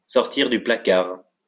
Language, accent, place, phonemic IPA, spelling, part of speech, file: French, France, Lyon, /sɔʁ.tiʁ dy pla.kaʁ/, sortir du placard, verb, LL-Q150 (fra)-sortir du placard.wav
- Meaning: to come out of the closet, reveal one's homosexuality